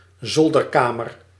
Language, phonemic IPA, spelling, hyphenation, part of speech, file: Dutch, /ˈzɔl.dərˌkaː.mər/, zolderkamer, zol‧der‧ka‧mer, noun, Nl-zolderkamer.ogg
- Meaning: attic room